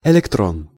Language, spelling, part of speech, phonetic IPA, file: Russian, электрон, noun, [ɪlʲɪkˈtron], Ru-электрон.ogg
- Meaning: electron